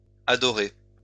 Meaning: masculine plural of adoré
- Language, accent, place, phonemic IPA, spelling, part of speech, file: French, France, Lyon, /a.dɔ.ʁe/, adorés, verb, LL-Q150 (fra)-adorés.wav